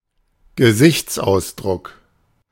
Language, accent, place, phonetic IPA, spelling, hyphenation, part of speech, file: German, Germany, Berlin, [ɡəˈzɪçt͡sʔaʊ̯sˌdʀʊk], Gesichtsausdruck, Ge‧sichts‧aus‧druck, noun, De-Gesichtsausdruck.ogg
- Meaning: facial expression